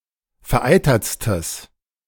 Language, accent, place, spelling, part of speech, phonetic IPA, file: German, Germany, Berlin, vereitertstes, adjective, [fɛɐ̯ˈʔaɪ̯tɐt͡stəs], De-vereitertstes.ogg
- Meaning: strong/mixed nominative/accusative neuter singular superlative degree of vereitert